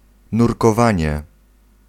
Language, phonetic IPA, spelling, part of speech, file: Polish, [ˌnurkɔˈvãɲɛ], nurkowanie, noun, Pl-nurkowanie.ogg